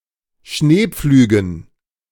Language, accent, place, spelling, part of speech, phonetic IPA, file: German, Germany, Berlin, Schneepflügen, noun, [ˈʃneːˌp͡flyːɡn̩], De-Schneepflügen.ogg
- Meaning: dative plural of Schneepflug